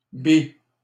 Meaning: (noun) bi, bisexual person; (adjective) bi, bisexual
- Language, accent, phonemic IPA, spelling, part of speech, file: French, Canada, /bi/, bi, noun / adjective, LL-Q150 (fra)-bi.wav